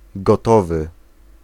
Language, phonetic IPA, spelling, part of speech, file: Polish, [ɡɔˈtɔvɨ], gotowy, adjective, Pl-gotowy.ogg